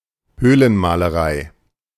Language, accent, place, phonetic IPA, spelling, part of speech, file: German, Germany, Berlin, [ˈhøːlənmaːləˌʁaɪ̯], Höhlenmalerei, noun, De-Höhlenmalerei.ogg
- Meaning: cave painting